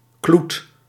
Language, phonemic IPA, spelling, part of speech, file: Dutch, /klut/, kloet, noun / verb, Nl-kloet.ogg
- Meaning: barge pole, punting pole